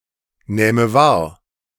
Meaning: first/third-person singular subjunctive II of wahrnehmen
- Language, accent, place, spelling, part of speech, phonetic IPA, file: German, Germany, Berlin, nähme wahr, verb, [ˌnɛːmə ˈvaːɐ̯], De-nähme wahr.ogg